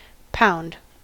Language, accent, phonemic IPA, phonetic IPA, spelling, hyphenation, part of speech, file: English, US, /ˈpaʊ̯nd/, [ˈpʰaʊ̯nd], pound, pound, noun / verb, En-us-pound.ogg
- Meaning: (noun) 1. A unit of weight in various measurement systems 2. A unit of weight in various measurement systems.: Ellipsis of pound weight